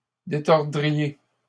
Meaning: second-person plural conditional of détordre
- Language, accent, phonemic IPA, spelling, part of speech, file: French, Canada, /de.tɔʁ.dʁi.je/, détordriez, verb, LL-Q150 (fra)-détordriez.wav